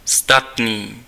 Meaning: sturdy, robust, hefty
- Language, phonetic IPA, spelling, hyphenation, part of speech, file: Czech, [ˈstatniː], statný, stat‧ný, adjective, Cs-statný.ogg